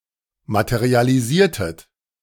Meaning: inflection of materialisieren: 1. second-person plural preterite 2. second-person plural subjunctive II
- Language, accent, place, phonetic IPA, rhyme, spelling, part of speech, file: German, Germany, Berlin, [ˌmatəʁialiˈziːɐ̯tət], -iːɐ̯tət, materialisiertet, verb, De-materialisiertet.ogg